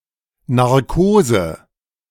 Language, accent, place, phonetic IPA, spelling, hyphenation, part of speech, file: German, Germany, Berlin, [ˌnaʁˈkoːzə], Narkose, Nar‧ko‧se, noun, De-Narkose.ogg
- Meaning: general anesthesia